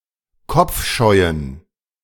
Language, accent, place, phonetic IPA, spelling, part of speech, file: German, Germany, Berlin, [ˈkɔp͡fˌʃɔɪ̯ən], kopfscheuen, adjective, De-kopfscheuen.ogg
- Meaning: inflection of kopfscheu: 1. strong genitive masculine/neuter singular 2. weak/mixed genitive/dative all-gender singular 3. strong/weak/mixed accusative masculine singular 4. strong dative plural